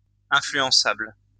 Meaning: 1. influenceable (able to be influenced) 2. easily influenced, easily swayed, suggestible
- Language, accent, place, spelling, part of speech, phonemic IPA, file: French, France, Lyon, influençable, adjective, /ɛ̃.fly.ɑ̃.sabl/, LL-Q150 (fra)-influençable.wav